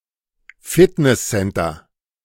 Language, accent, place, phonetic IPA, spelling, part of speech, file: German, Germany, Berlin, [ˈfɪtnɛsˌsɛntɐ], Fitnesscenter, noun, De-Fitnesscenter.ogg
- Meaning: fitness center